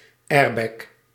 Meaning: an airbag
- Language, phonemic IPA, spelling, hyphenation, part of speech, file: Dutch, /ˈɛːr.bɛk/, airbag, air‧bag, noun, Nl-airbag.ogg